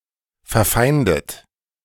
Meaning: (verb) past participle of verfeinden; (adjective) hostile
- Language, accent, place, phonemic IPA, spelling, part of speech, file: German, Germany, Berlin, /fɛɐ̯ˈfaɪ̯ndət/, verfeindet, verb / adjective, De-verfeindet.ogg